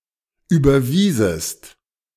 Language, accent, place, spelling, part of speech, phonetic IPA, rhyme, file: German, Germany, Berlin, überwiesest, verb, [ˌyːbɐˈviːzəst], -iːzəst, De-überwiesest.ogg
- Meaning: second-person singular subjunctive II of überweisen